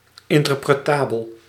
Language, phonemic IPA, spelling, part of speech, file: Dutch, /ˌɪntərprəˈtabəl/, interpretabel, adjective, Nl-interpretabel.ogg
- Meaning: interpretable